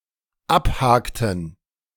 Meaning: inflection of abhaken: 1. first/third-person plural dependent preterite 2. first/third-person plural dependent subjunctive II
- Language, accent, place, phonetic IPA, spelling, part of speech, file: German, Germany, Berlin, [ˈapˌhaːktn̩], abhakten, verb, De-abhakten.ogg